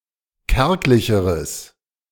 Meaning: strong/mixed nominative/accusative neuter singular comparative degree of kärglich
- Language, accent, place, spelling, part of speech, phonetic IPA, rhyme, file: German, Germany, Berlin, kärglicheres, adjective, [ˈkɛʁklɪçəʁəs], -ɛʁklɪçəʁəs, De-kärglicheres.ogg